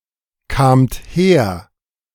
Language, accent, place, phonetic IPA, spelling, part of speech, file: German, Germany, Berlin, [kaːmt ˈheːɐ̯], kamt her, verb, De-kamt her.ogg
- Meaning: second-person plural preterite of herkommen